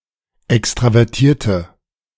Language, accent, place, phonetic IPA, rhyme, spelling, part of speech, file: German, Germany, Berlin, [ˌɛkstʁavɛʁˈtiːɐ̯tə], -iːɐ̯tə, extravertierte, adjective, De-extravertierte.ogg
- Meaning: inflection of extravertiert: 1. strong/mixed nominative/accusative feminine singular 2. strong nominative/accusative plural 3. weak nominative all-gender singular